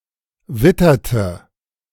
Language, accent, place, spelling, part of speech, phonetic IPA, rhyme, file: German, Germany, Berlin, witterte, verb, [ˈvɪtɐtə], -ɪtɐtə, De-witterte.ogg
- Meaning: inflection of wittern: 1. first/third-person singular preterite 2. first/third-person singular subjunctive II